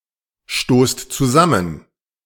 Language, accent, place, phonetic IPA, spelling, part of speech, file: German, Germany, Berlin, [ˌʃtoːst t͡suˈzamən], stoßt zusammen, verb, De-stoßt zusammen.ogg
- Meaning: inflection of zusammenstoßen: 1. second-person plural present 2. plural imperative